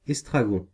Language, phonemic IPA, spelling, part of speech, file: French, /ɛs.tʁa.ɡɔ̃/, estragon, noun, Fr-estragon.ogg
- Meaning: 1. tarragon (the plant) 2. tarragon (the leaves)